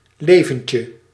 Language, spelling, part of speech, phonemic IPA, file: Dutch, leventje, noun, /ˈlevəɲcə/, Nl-leventje.ogg
- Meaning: diminutive of leven